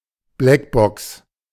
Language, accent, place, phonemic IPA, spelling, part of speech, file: German, Germany, Berlin, /ˈblɛkˌbɔks/, Blackbox, noun, De-Blackbox.ogg
- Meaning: black box; flight recorder